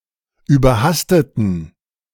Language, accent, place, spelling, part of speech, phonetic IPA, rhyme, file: German, Germany, Berlin, überhasteten, adjective / verb, [yːbɐˈhastətn̩], -astətn̩, De-überhasteten.ogg
- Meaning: inflection of überhastet: 1. strong genitive masculine/neuter singular 2. weak/mixed genitive/dative all-gender singular 3. strong/weak/mixed accusative masculine singular 4. strong dative plural